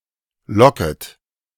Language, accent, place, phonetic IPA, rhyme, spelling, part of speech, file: German, Germany, Berlin, [ˈlɔkət], -ɔkət, locket, verb, De-locket.ogg
- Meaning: second-person plural subjunctive I of locken